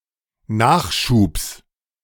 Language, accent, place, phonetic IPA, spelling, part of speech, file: German, Germany, Berlin, [ˈnaːxˌʃuːps], Nachschubs, noun, De-Nachschubs.ogg
- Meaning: genitive of Nachschub